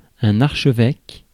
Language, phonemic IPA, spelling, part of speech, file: French, /aʁ.ʃə.vɛk/, archevêque, noun, Fr-archevêque.ogg
- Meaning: archbishop